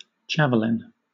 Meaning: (noun) 1. A light spear thrown with the hand and used as a weapon 2. A metal-tipped spear thrown for distance in an athletic field event 3. A javelinfish (Coelorinchus australis)
- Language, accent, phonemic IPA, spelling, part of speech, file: English, Southern England, /ˈd͡ʒæv.(ə.)lɪn/, javelin, noun / verb, LL-Q1860 (eng)-javelin.wav